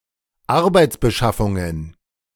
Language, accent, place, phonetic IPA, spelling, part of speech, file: German, Germany, Berlin, [ˈaʁbaɪ̯t͡sbəˌʃafʊŋən], Arbeitsbeschaffungen, noun, De-Arbeitsbeschaffungen.ogg
- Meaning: plural of Arbeitsbeschaffung